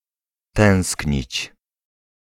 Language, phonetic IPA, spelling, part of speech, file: Polish, [ˈtɛ̃w̃sʲkɲit͡ɕ], tęsknić, verb, Pl-tęsknić.ogg